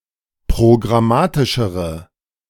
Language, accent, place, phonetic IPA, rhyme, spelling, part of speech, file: German, Germany, Berlin, [pʁoɡʁaˈmaːtɪʃəʁə], -aːtɪʃəʁə, programmatischere, adjective, De-programmatischere.ogg
- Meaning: inflection of programmatisch: 1. strong/mixed nominative/accusative feminine singular comparative degree 2. strong nominative/accusative plural comparative degree